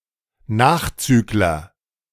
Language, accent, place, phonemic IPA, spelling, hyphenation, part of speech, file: German, Germany, Berlin, /ˈnaːxˌt͡syːklɐ/, Nachzügler, Nach‧züg‧ler, noun, De-Nachzügler.ogg
- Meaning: straggler, backmarker, laggard (someone who lags behind)